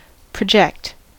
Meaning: 1. To extend beyond a surface 2. To cast (an image or shadow) upon a surface; to throw or cast forward; to shoot forth 3. To extend (a protrusion or appendage) outward
- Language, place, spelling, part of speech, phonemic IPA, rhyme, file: English, California, project, verb, /pɹəˈd͡ʒɛkt/, -ɛkt, En-us-project.ogg